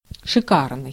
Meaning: chic, smart, splendid, grand, magnificent, stylish (elegant)
- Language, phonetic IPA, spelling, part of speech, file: Russian, [ʂɨˈkarnɨj], шикарный, adjective, Ru-шикарный.ogg